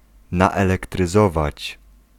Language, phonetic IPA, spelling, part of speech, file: Polish, [ˌnaɛlɛktrɨˈzɔvat͡ɕ], naelektryzować, verb, Pl-naelektryzować.ogg